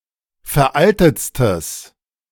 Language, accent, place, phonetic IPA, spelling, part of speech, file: German, Germany, Berlin, [fɛɐ̯ˈʔaltət͡stəs], veraltetstes, adjective, De-veraltetstes.ogg
- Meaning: strong/mixed nominative/accusative neuter singular superlative degree of veraltet